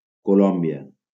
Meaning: Colombia (a country in South America)
- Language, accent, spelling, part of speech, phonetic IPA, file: Catalan, Valencia, Colòmbia, proper noun, [koˈlɔm.bi.a], LL-Q7026 (cat)-Colòmbia.wav